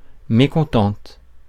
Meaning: feminine singular of mécontent
- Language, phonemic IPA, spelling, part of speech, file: French, /me.kɔ̃.tɑ̃t/, mécontente, adjective, Fr-mécontente.ogg